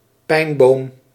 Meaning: 1. a pine, conifer of the genus Pinus 2. a pine, conifer of the genus Pinus: mainly the species Pinus sylvestris (Scots pine) 3. other conifers including firs and larch
- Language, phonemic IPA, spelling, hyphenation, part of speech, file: Dutch, /ˈpɛi̯n.boːm/, pijnboom, pijn‧boom, noun, Nl-pijnboom.ogg